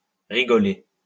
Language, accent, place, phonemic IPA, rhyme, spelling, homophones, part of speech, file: French, France, Lyon, /ʁi.ɡɔ.le/, -e, rigoler, rigolai / rigolé / rigolée / rigolées / rigolés / rigolez, verb, LL-Q150 (fra)-rigoler.wav
- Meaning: 1. to laugh, especially laugh out loud 2. to joke, to kid